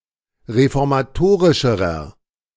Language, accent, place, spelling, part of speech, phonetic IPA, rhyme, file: German, Germany, Berlin, reformatorischerer, adjective, [ʁefɔʁmaˈtoːʁɪʃəʁɐ], -oːʁɪʃəʁɐ, De-reformatorischerer.ogg
- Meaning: inflection of reformatorisch: 1. strong/mixed nominative masculine singular comparative degree 2. strong genitive/dative feminine singular comparative degree